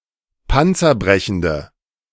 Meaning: inflection of panzerbrechend: 1. strong/mixed nominative/accusative feminine singular 2. strong nominative/accusative plural 3. weak nominative all-gender singular
- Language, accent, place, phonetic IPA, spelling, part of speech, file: German, Germany, Berlin, [ˈpant͡sɐˌbʁɛçn̩də], panzerbrechende, adjective, De-panzerbrechende.ogg